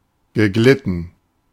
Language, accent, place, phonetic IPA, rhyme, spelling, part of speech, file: German, Germany, Berlin, [ɡəˈɡlɪtn̩], -ɪtn̩, geglitten, verb, De-geglitten.ogg
- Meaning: past participle of gleiten